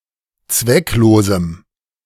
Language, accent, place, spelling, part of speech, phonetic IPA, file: German, Germany, Berlin, zwecklosem, adjective, [ˈt͡svɛkˌloːzm̩], De-zwecklosem.ogg
- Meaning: strong dative masculine/neuter singular of zwecklos